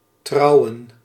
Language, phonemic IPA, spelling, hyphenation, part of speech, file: Dutch, /ˈtrɑu̯.ə(n)/, trouwen, trou‧wen, verb / noun, Nl-trouwen.ogg
- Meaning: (verb) 1. to marry 2. to trust; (noun) plural of trouw